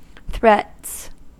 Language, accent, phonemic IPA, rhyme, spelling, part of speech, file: English, US, /θɹɛts/, -ɛts, threats, noun, En-us-threats.ogg
- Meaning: plural of threat